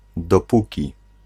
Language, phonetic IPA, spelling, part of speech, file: Polish, [dɔˈpuci], dopóki, conjunction, Pl-dopóki.ogg